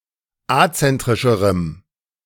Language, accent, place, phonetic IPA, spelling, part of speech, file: German, Germany, Berlin, [ˈat͡sɛntʁɪʃəʁəm], azentrischerem, adjective, De-azentrischerem.ogg
- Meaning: strong dative masculine/neuter singular comparative degree of azentrisch